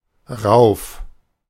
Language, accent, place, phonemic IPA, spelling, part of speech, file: German, Germany, Berlin, /ʁaʊf/, rauf, adverb, De-rauf.ogg
- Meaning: 1. up, up here, upstairs (towards the speaker) 2. up, up there, upstairs (away from the speaker)